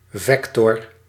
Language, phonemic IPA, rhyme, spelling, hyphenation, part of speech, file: Dutch, /ˈvɛk.tɔr/, -ɛktɔr, vector, vec‧tor, noun, Nl-vector.ogg
- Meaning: vector, an element of a vector space